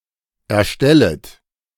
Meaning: second-person plural subjunctive I of erstellen
- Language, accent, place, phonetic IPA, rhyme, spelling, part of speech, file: German, Germany, Berlin, [ɛɐ̯ˈʃtɛlət], -ɛlət, erstellet, verb, De-erstellet.ogg